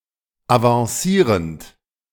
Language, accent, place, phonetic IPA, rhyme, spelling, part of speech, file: German, Germany, Berlin, [avɑ̃ˈsiːʁənt], -iːʁənt, avancierend, verb, De-avancierend.ogg
- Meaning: present participle of avancieren